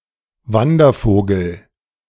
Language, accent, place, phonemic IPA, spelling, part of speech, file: German, Germany, Berlin, /ˈvandɐˌfoːɡl̩/, Wandervogel, noun / proper noun, De-Wandervogel.ogg
- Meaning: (noun) 1. migratory bird 2. member of the Wandervogelbewegung; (proper noun) A neo-romantic, back-to-nature youth movement in late 19th-century and early 20th-century Germany